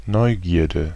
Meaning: curiosity
- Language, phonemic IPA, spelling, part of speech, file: German, /ˈnɔʏ̯ˌɡiːɐ̯də/, Neugierde, noun, De-Neugierde.ogg